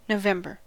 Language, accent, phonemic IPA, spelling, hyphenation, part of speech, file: English, US, /noʊˈvɛmbɚ/, November, No‧vem‧ber, proper noun, En-us-November.ogg
- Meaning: 1. The eleventh month of the Gregorian calendar, following October and preceding December 2. A female given name